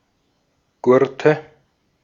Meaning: nominative/accusative/genitive plural of Gurt
- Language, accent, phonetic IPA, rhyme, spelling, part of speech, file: German, Austria, [ˈɡʊʁtə], -ʊʁtə, Gurte, noun, De-at-Gurte.ogg